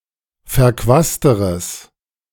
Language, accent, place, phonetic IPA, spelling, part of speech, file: German, Germany, Berlin, [fɛɐ̯ˈkvaːstəʁəs], verquasteres, adjective, De-verquasteres.ogg
- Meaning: strong/mixed nominative/accusative neuter singular comparative degree of verquast